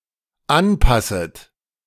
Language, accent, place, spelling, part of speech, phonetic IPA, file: German, Germany, Berlin, anpasset, verb, [ˈanˌpasət], De-anpasset.ogg
- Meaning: second-person plural dependent subjunctive I of anpassen